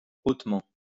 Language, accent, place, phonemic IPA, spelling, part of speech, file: French, France, Lyon, /ot.mɑ̃/, hautement, adverb, LL-Q150 (fra)-hautement.wav
- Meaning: highly, very